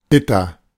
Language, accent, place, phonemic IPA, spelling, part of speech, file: German, Germany, Berlin, /ˈbɪ.tɐ/, bitter, adjective / adverb, De-bitter.ogg
- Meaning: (adjective) 1. bitter (having a bitter taste) 2. bitter, disappointing, awful 3. bitter, embittered (resentful and negative as a result of bad experiences); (adverb) bitterly